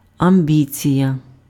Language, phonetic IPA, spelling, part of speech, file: Ukrainian, [ɐmˈbʲit͡sʲijɐ], амбіція, noun, Uk-амбіція.ogg
- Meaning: ambition